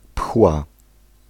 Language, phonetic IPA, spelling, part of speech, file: Polish, [pxwa], pchła, noun, Pl-pchła.ogg